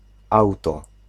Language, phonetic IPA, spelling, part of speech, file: Polish, [ˈawtɔ], auto-, prefix, Pl-auto-.ogg